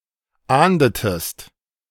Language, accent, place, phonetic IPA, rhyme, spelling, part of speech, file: German, Germany, Berlin, [ˈaːndətəst], -aːndətəst, ahndetest, verb, De-ahndetest.ogg
- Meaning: inflection of ahnden: 1. second-person singular preterite 2. second-person singular subjunctive II